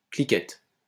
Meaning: inflection of cliqueter: 1. first/third-person singular present indicative/subjunctive 2. second-person singular imperative
- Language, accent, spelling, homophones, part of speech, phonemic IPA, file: French, France, cliquette, cliquettent / cliquettes, verb, /kli.kɛt/, LL-Q150 (fra)-cliquette.wav